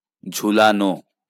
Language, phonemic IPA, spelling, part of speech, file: Bengali, /d͡ʒʱu.la.no/, ঝুলানো, verb, LL-Q9610 (ben)-ঝুলানো.wav
- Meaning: to hang, to hang something up, to suspend